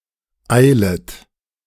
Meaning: second-person plural subjunctive I of eilen
- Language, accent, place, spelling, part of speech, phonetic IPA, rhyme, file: German, Germany, Berlin, eilet, verb, [ˈaɪ̯lət], -aɪ̯lət, De-eilet.ogg